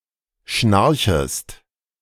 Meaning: second-person singular subjunctive I of schnarchen
- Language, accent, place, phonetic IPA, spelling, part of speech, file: German, Germany, Berlin, [ˈʃnaʁçəst], schnarchest, verb, De-schnarchest.ogg